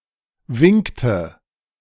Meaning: inflection of winken: 1. first/third-person singular preterite 2. first/third-person singular subjunctive II
- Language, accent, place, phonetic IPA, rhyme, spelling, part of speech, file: German, Germany, Berlin, [ˈvɪŋktə], -ɪŋktə, winkte, verb, De-winkte.ogg